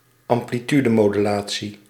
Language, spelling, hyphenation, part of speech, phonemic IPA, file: Dutch, amplitudemodulatie, am‧pli‧tu‧de‧mo‧du‧la‧tie, noun, /ɑm.pliˈty.də.moː.dyˌlaː.(t)si/, Nl-amplitudemodulatie.ogg
- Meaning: amplitude modulation